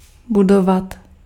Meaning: to build
- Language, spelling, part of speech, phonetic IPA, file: Czech, budovat, verb, [ˈbudovat], Cs-budovat.ogg